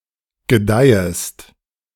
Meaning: second-person singular subjunctive I of gedeihen
- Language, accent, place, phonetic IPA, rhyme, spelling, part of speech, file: German, Germany, Berlin, [ɡəˈdaɪ̯əst], -aɪ̯əst, gedeihest, verb, De-gedeihest.ogg